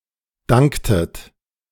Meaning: inflection of danken: 1. second-person plural preterite 2. second-person plural subjunctive II
- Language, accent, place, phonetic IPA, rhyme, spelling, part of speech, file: German, Germany, Berlin, [ˈdaŋktət], -aŋktət, danktet, verb, De-danktet.ogg